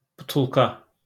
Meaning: bottle
- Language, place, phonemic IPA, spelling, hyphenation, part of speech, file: Azerbaijani, Baku, /butuɫˈka/, butulka, bu‧tul‧ka, noun, LL-Q9292 (aze)-butulka.wav